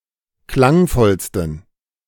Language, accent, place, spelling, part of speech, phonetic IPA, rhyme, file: German, Germany, Berlin, klangvollsten, adjective, [ˈklaŋˌfɔlstn̩], -aŋfɔlstn̩, De-klangvollsten.ogg
- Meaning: 1. superlative degree of klangvoll 2. inflection of klangvoll: strong genitive masculine/neuter singular superlative degree